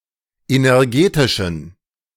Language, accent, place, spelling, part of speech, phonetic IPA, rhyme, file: German, Germany, Berlin, energetischen, adjective, [ˌenɛʁˈɡeːtɪʃn̩], -eːtɪʃn̩, De-energetischen.ogg
- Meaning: inflection of energetisch: 1. strong genitive masculine/neuter singular 2. weak/mixed genitive/dative all-gender singular 3. strong/weak/mixed accusative masculine singular 4. strong dative plural